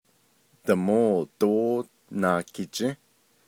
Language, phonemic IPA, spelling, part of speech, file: Navajo, /tɑ̀môː tóː nɑ̀ːkʰɪ̀t͡ʃĩ́/, Damóo dóó Naakijį́, noun, Nv-Damóo dóó Naakijį́.ogg
- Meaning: Tuesday